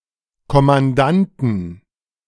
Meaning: 1. genitive singular of Kommandant 2. plural of Kommandant
- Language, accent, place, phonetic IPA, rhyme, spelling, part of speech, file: German, Germany, Berlin, [kɔmanˈdantn̩], -antn̩, Kommandanten, noun, De-Kommandanten.ogg